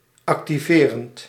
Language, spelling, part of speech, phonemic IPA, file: Dutch, activerend, verb / adjective, /ɑktiˈverənt/, Nl-activerend.ogg
- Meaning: present participle of activeren